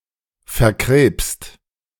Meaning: cancerous
- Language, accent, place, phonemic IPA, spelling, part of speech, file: German, Germany, Berlin, /fɛɐ̯ˈkʁeːpst/, verkrebst, adjective, De-verkrebst.ogg